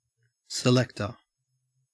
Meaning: 1. Someone or something which selects or chooses 2. An administrator responsible for selecting which players will play for a side
- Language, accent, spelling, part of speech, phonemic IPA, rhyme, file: English, Australia, selector, noun, /sɪˈlɛktə(ɹ)/, -ɛktə(ɹ), En-au-selector.ogg